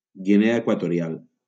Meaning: Equatorial Guinea (a country in Central Africa)
- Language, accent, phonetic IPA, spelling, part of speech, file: Catalan, Valencia, [ɡiˈne.a e.kwa.to.ɾiˈal], Guinea Equatorial, proper noun, LL-Q7026 (cat)-Guinea Equatorial.wav